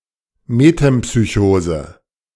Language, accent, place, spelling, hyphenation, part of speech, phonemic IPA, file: German, Germany, Berlin, Metempsychose, Me‧tem‧psy‧cho‧se, noun, /metɛmpsyˈçoːzə/, De-Metempsychose.ogg
- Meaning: metempsychosis